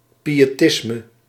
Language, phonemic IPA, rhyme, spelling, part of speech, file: Dutch, /ˌpi.(j)eːˈtɪs.mə/, -ɪsmə, piëtisme, noun, Nl-piëtisme.ogg
- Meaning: pietism